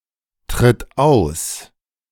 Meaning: inflection of austreten: 1. third-person singular present 2. singular imperative
- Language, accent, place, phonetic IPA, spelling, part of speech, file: German, Germany, Berlin, [tʁɪt ˈaʊ̯s], tritt aus, verb, De-tritt aus.ogg